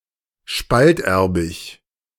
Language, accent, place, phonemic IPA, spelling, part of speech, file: German, Germany, Berlin, /ˈʃpaltˌʔɛʁbɪç/, spalterbig, adjective, De-spalterbig.ogg
- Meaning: heterozygous